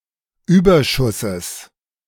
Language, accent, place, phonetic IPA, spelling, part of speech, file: German, Germany, Berlin, [ˈyːbɐˌʃʊsəs], Überschusses, noun, De-Überschusses.ogg
- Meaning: genitive singular of Überschuss